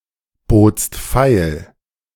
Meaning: second-person singular preterite of feilbieten
- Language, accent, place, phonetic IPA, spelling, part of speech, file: German, Germany, Berlin, [ˌboːt͡st ˈfaɪ̯l], botst feil, verb, De-botst feil.ogg